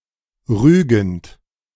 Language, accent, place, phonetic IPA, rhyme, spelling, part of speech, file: German, Germany, Berlin, [ˈʁyːɡn̩t], -yːɡn̩t, rügend, verb, De-rügend.ogg
- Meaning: present participle of rügen